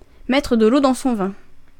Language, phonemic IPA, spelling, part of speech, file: French, /mɛ.tʁə d(ə) l‿o dɑ̃ sɔ̃ vɛ̃/, mettre de l'eau dans son vin, verb, Fr-mettre de l'eau dans son vin.ogg
- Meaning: to moderate one's impetuosity; to compromise